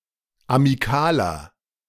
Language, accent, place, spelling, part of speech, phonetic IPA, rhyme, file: German, Germany, Berlin, amikaler, adjective, [amiˈkaːlɐ], -aːlɐ, De-amikaler.ogg
- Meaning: inflection of amikal: 1. strong/mixed nominative masculine singular 2. strong genitive/dative feminine singular 3. strong genitive plural